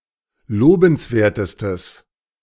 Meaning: strong/mixed nominative/accusative neuter singular superlative degree of lobenswert
- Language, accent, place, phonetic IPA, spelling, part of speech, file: German, Germany, Berlin, [ˈloːbn̩sˌveːɐ̯təstəs], lobenswertestes, adjective, De-lobenswertestes.ogg